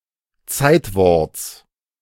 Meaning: genitive singular of Zeitwort
- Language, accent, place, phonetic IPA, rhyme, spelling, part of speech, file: German, Germany, Berlin, [ˈt͡saɪ̯tˌvɔʁt͡s], -aɪ̯tvɔʁt͡s, Zeitworts, noun, De-Zeitworts.ogg